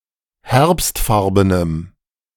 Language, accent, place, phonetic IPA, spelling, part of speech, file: German, Germany, Berlin, [ˈhɛʁpstˌfaʁbənəm], herbstfarbenem, adjective, De-herbstfarbenem.ogg
- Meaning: strong dative masculine/neuter singular of herbstfarben